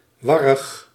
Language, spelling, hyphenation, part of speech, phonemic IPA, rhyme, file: Dutch, warrig, war‧rig, adjective, /ˈʋɑrəx/, -ɑrəx, Nl-warrig.ogg
- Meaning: 1. tangled, messy 2. disorderly, confused